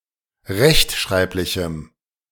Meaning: strong dative masculine/neuter singular of rechtschreiblich
- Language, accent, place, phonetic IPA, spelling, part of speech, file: German, Germany, Berlin, [ˈʁɛçtˌʃʁaɪ̯plɪçm̩], rechtschreiblichem, adjective, De-rechtschreiblichem.ogg